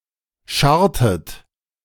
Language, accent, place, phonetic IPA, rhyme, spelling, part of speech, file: German, Germany, Berlin, [ˈʃaʁtət], -aʁtət, scharrtet, verb, De-scharrtet.ogg
- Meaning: inflection of scharren: 1. second-person plural preterite 2. second-person plural subjunctive II